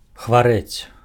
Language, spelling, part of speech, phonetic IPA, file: Belarusian, хварэць, verb, [xvaˈrɛt͡sʲ], Be-хварэць.ogg
- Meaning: to be sick, to be ill, to be down with [with на (na, + accusative)], to ail